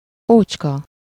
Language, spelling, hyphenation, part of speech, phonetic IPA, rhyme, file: Hungarian, ócska, ócs‧ka, adjective, [ˈoːt͡ʃkɒ], -kɒ, Hu-ócska.ogg
- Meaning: old, worthless, trashy